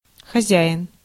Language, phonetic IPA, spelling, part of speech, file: Russian, [xɐˈzʲaɪn], хозяин, noun, Ru-хозяин.ogg
- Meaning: 1. owner, proprietor 2. landlord, head of household 3. boss, master, chief, principal, manager, employer, hirer 4. man, husband 5. host, master 6. host